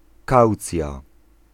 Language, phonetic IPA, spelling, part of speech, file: Polish, [ˈkawt͡sʲja], kaucja, noun, Pl-kaucja.ogg